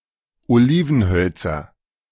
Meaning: nominative/accusative/genitive plural of Olivenholz
- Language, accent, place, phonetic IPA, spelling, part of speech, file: German, Germany, Berlin, [oˈliːvn̩ˌhœlt͡sɐ], Olivenhölzer, noun, De-Olivenhölzer.ogg